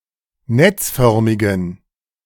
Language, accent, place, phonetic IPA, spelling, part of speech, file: German, Germany, Berlin, [ˈnɛt͡sˌfœʁmɪɡn̩], netzförmigen, adjective, De-netzförmigen.ogg
- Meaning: inflection of netzförmig: 1. strong genitive masculine/neuter singular 2. weak/mixed genitive/dative all-gender singular 3. strong/weak/mixed accusative masculine singular 4. strong dative plural